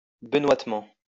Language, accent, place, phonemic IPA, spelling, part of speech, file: French, France, Lyon, /bə.nwat.mɑ̃/, benoîtement, adverb, LL-Q150 (fra)-benoîtement.wav
- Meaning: sanctimoniously